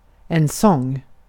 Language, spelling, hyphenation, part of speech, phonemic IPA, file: Swedish, sång, sång, noun, /ˈsɔŋː/, Sv-sång.ogg
- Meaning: 1. singing, song 2. a song